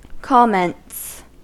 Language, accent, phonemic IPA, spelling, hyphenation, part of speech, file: English, US, /ˈkɑmɛnts/, comments, com‧ments, noun / verb, En-us-comments.ogg
- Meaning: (noun) plural of comment; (verb) third-person singular simple present indicative of comment